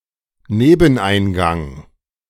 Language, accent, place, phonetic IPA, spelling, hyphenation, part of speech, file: German, Germany, Berlin, [ˈneːbn̩ˌʔaɪ̯nˌɡaŋ], Nebeneingang, Neben‧ein‧gang, noun, De-Nebeneingang.ogg
- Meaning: side entrance, secondary entrance (of a building)